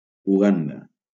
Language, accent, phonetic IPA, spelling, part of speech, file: Catalan, Valencia, [uˈɣan.da], Uganda, proper noun, LL-Q7026 (cat)-Uganda.wav
- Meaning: Uganda (a country in East Africa)